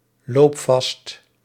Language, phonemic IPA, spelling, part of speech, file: Dutch, /ˈlop ˈvɑst/, loop vast, verb, Nl-loop vast.ogg
- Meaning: inflection of vastlopen: 1. first-person singular present indicative 2. second-person singular present indicative 3. imperative